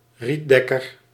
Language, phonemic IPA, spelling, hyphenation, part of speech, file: Dutch, /ˈri(t)ˌdɛ.kər/, rietdekker, riet‧dek‧ker, noun, Nl-rietdekker.ogg
- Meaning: a thatcher (person who installs thatch as a roofing material)